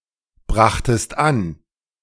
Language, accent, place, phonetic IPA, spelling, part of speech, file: German, Germany, Berlin, [ˌbʁaxtəst ˈan], brachtest an, verb, De-brachtest an.ogg
- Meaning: second-person singular preterite of anbringen